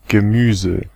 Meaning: 1. vegetable; vegetables (kinds of plants) 2. a seasoned vegetable-based side dish, such as a relish (not necessarily pickled and not usually in the form of a paste)
- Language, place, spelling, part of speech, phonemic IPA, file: German, Berlin, Gemüse, noun, /ɡəˈmyːzə/, De-Gemüse.ogg